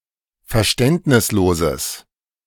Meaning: strong/mixed nominative/accusative neuter singular of verständnislos
- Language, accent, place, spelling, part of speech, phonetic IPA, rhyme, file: German, Germany, Berlin, verständnisloses, adjective, [fɛɐ̯ˈʃtɛntnɪsˌloːzəs], -ɛntnɪsloːzəs, De-verständnisloses.ogg